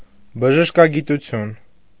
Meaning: medical science, medicine
- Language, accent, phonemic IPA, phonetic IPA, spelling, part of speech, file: Armenian, Eastern Armenian, /bəʒəʃkɑɡituˈtʰjun/, [bəʒəʃkɑɡitut͡sʰjún], բժշկագիտություն, noun, Hy-բժշկագիտություն.ogg